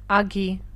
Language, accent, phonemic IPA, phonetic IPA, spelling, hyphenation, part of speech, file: Armenian, Eastern Armenian, /ɑˈɡi/, [ɑɡí], ագի, ա‧գի, noun, Hy-ագի.ogg
- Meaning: 1. tail 2. lap of women’s dress